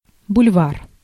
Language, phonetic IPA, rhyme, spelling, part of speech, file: Russian, [bʊlʲˈvar], -ar, бульвар, noun, Ru-бульвар.ogg
- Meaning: boulevard, avenue